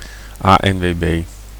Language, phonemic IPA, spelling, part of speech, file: Dutch, /ˌaʔɛɱweˈbe/, ANWB, noun, Nl-ANWB.ogg
- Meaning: Koninklijke Nederlandse Toeristenbond ANWB (originally Algemene Nederlandse Wielrijders-Bond), the Dutch road users and tourist organisation. Similar to the AA in the UK and the AAA in the US